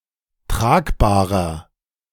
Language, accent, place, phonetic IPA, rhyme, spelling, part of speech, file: German, Germany, Berlin, [ˈtʁaːkbaːʁɐ], -aːkbaːʁɐ, tragbarer, adjective, De-tragbarer.ogg
- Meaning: 1. comparative degree of tragbar 2. inflection of tragbar: strong/mixed nominative masculine singular 3. inflection of tragbar: strong genitive/dative feminine singular